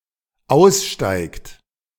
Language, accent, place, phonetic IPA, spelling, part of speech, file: German, Germany, Berlin, [ˈaʊ̯sˌʃtaɪ̯kt], aussteigt, verb, De-aussteigt.ogg
- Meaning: inflection of aussteigen: 1. third-person singular dependent present 2. second-person plural dependent present